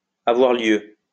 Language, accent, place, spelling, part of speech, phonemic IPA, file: French, France, Lyon, avoir lieu, verb, /a.vwaʁ ljø/, LL-Q150 (fra)-avoir lieu.wav
- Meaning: to take place, happen